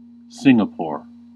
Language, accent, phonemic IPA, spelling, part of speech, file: English, US, /ˈsɪŋəpoɹ/, Singapore, proper noun / noun, En-us-Singapore.ogg